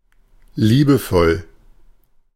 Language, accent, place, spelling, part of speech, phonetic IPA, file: German, Germany, Berlin, liebevoll, adjective, [ˈliːbəˌfɔl], De-liebevoll.ogg
- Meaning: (adjective) 1. loving 2. affectionate; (adverb) lovingly, affectionately